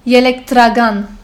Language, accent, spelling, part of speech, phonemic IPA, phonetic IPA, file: Armenian, Western Armenian, ելեկտրական, adjective, /jeleɡdɾɑˈɡɑn/, [jeleɡdɾɑɡɑ́n], HyW-ելեկտրական.oga
- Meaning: Western Armenian form of էլեկտրական (ēlektrakan)